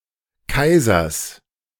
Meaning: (proper noun) a municipality of Tyrol, Austria; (noun) genitive singular of Kaiser
- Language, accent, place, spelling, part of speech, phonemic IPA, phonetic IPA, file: German, Germany, Berlin, Kaisers, proper noun / noun, /ˈkaɪ̯zɐs/, [ˈkʰaɪ̯zɐs], De-Kaisers.ogg